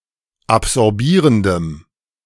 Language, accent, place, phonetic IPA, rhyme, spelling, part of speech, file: German, Germany, Berlin, [apzɔʁˈbiːʁəndəm], -iːʁəndəm, absorbierendem, adjective, De-absorbierendem.ogg
- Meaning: strong dative masculine/neuter singular of absorbierend